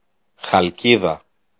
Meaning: Chalcis (the capital city of Euboea regional unit, in central Greece)
- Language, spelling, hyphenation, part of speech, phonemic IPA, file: Greek, Χαλκίδα, Χαλ‧κί‧δα, proper noun, /xalˈciða/, El-Χαλκίδα.ogg